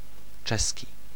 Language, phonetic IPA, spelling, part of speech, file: Polish, [ˈt͡ʃɛsʲci], czeski, adjective / noun, Pl-czeski.ogg